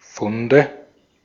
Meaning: nominative/accusative/genitive plural of Fund
- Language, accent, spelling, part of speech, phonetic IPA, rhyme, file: German, Austria, Funde, noun, [ˈfʊndə], -ʊndə, De-at-Funde.ogg